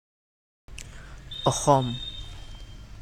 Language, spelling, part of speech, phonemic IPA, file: Assamese, অসম, proper noun / adjective, /ɔ.xɔm/, As-অসম.oga
- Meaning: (proper noun) Assam (a state in northeastern India); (adjective) heterogenous, dissimilar, unequal